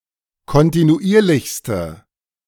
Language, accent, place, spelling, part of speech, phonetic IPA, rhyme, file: German, Germany, Berlin, kontinuierlichste, adjective, [kɔntinuˈʔiːɐ̯lɪçstə], -iːɐ̯lɪçstə, De-kontinuierlichste.ogg
- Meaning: inflection of kontinuierlich: 1. strong/mixed nominative/accusative feminine singular superlative degree 2. strong nominative/accusative plural superlative degree